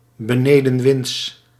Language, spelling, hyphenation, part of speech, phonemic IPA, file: Dutch, benedenwinds, be‧ne‧den‧winds, adjective, /bəˈneː.də(n)ˌʋɪnts/, Nl-benedenwinds.ogg
- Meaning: leeward